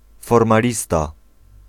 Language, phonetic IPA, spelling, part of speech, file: Polish, [ˌfɔrmaˈlʲista], formalista, noun, Pl-formalista.ogg